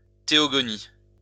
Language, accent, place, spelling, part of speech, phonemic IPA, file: French, France, Lyon, théogonie, noun, /te.ɔ.ɡɔ.ni/, LL-Q150 (fra)-théogonie.wav
- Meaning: theogony